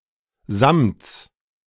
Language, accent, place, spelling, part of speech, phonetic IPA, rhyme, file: German, Germany, Berlin, Samts, noun, [zamt͡s], -amt͡s, De-Samts.ogg
- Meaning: genitive singular of Samt